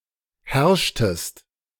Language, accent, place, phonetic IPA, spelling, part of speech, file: German, Germany, Berlin, [ˈhɛʁʃtəst], herrschtest, verb, De-herrschtest.ogg
- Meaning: inflection of herrschen: 1. second-person singular preterite 2. second-person singular subjunctive II